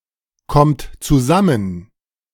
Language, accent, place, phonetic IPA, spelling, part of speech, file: German, Germany, Berlin, [ˌkɔmt t͡suˈzamən], kommt zusammen, verb, De-kommt zusammen.ogg
- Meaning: second-person plural present of zusammenkommen